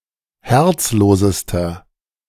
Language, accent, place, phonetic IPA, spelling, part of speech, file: German, Germany, Berlin, [ˈhɛʁt͡sˌloːzəstɐ], herzlosester, adjective, De-herzlosester.ogg
- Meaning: inflection of herzlos: 1. strong/mixed nominative masculine singular superlative degree 2. strong genitive/dative feminine singular superlative degree 3. strong genitive plural superlative degree